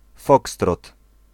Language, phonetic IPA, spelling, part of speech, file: Polish, [ˈfɔkstrɔt], fokstrot, noun, Pl-fokstrot.ogg